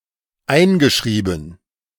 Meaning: past participle of einschreiben
- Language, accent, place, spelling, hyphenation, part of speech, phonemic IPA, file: German, Germany, Berlin, eingeschrieben, ein‧ge‧schrie‧ben, verb, /ˈaɪ̯nɡəˌʃʀiːbn̩/, De-eingeschrieben.ogg